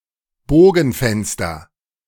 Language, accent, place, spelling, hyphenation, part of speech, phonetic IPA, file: German, Germany, Berlin, Bogenfenster, Bo‧gen‧fens‧ter, noun, [ˈboːɡn̩ˌfɛnstɐ], De-Bogenfenster.ogg
- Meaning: arched window